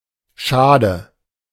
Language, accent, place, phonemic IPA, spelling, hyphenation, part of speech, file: German, Germany, Berlin, /ˈʃaːdə/, Schade, Scha‧de, noun, De-Schade.ogg
- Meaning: archaic form of Schaden